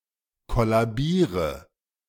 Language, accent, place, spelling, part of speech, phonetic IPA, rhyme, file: German, Germany, Berlin, kollabiere, verb, [ˌkɔlaˈbiːʁə], -iːʁə, De-kollabiere.ogg
- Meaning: inflection of kollabieren: 1. first-person singular present 2. singular imperative 3. first/third-person singular subjunctive I